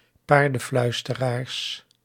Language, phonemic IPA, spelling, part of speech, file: Dutch, /ˈpardə(n)ˌflœystəˌrars/, paardenfluisteraars, noun, Nl-paardenfluisteraars.ogg
- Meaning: plural of paardenfluisteraar